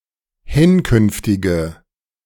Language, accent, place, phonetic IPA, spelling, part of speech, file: German, Germany, Berlin, [ˈhɪnˌkʏnftɪɡə], hinkünftige, adjective, De-hinkünftige.ogg
- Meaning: inflection of hinkünftig: 1. strong/mixed nominative/accusative feminine singular 2. strong nominative/accusative plural 3. weak nominative all-gender singular